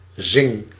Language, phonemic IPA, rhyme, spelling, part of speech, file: Dutch, /zɪŋ/, -ɪŋ, zing, verb, Nl-zing.ogg
- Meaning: inflection of zingen: 1. first-person singular present indicative 2. second-person singular present indicative 3. imperative